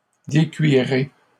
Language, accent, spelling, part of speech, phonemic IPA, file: French, Canada, décuirai, verb, /de.kɥi.ʁe/, LL-Q150 (fra)-décuirai.wav
- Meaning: first-person singular future of décuire